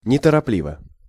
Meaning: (adverb) leisurely, in an unhurried manner; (adjective) short neuter singular of неторопли́вый (netoroplívyj)
- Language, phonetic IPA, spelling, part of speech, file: Russian, [nʲɪtərɐˈplʲivə], неторопливо, adverb / adjective, Ru-неторопливо.ogg